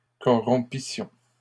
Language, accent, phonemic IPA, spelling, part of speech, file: French, Canada, /kɔ.ʁɔ̃.pi.sjɔ̃/, corrompissions, verb, LL-Q150 (fra)-corrompissions.wav
- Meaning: first-person plural imperfect subjunctive of corrompre